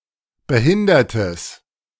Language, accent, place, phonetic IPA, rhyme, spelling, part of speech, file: German, Germany, Berlin, [bəˈhɪndɐtəs], -ɪndɐtəs, behindertes, adjective, De-behindertes.ogg
- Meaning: strong/mixed nominative/accusative neuter singular of behindert